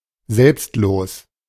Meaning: selfless
- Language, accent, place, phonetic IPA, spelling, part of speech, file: German, Germany, Berlin, [ˈzɛlpstˌloːs], selbstlos, adjective, De-selbstlos.ogg